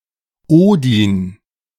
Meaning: Odin
- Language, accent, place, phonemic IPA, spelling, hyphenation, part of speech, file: German, Germany, Berlin, /ˈoːdɪn/, Odin, Odin, proper noun, De-Odin.ogg